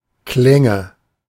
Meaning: nominative/accusative/genitive plural of Klang
- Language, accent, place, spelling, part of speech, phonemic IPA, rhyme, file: German, Germany, Berlin, Klänge, noun, /ˈklɛŋə/, -ɛŋə, De-Klänge.ogg